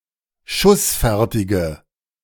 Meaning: inflection of schussfertig: 1. strong/mixed nominative/accusative feminine singular 2. strong nominative/accusative plural 3. weak nominative all-gender singular
- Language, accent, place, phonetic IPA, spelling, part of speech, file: German, Germany, Berlin, [ˈʃʊsˌfɛʁtɪɡə], schussfertige, adjective, De-schussfertige.ogg